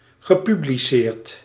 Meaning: past participle of publiceren
- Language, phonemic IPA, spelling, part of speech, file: Dutch, /ɣəˌpybliˈsert/, gepubliceerd, verb / adjective, Nl-gepubliceerd.ogg